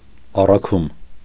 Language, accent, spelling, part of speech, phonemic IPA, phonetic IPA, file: Armenian, Eastern Armenian, առաքում, noun, /ɑrɑˈkʰum/, [ɑrɑkʰúm], Hy-առաքում.ogg
- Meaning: 1. delivery (act of conveying something) 2. delivery (item which has been conveyed)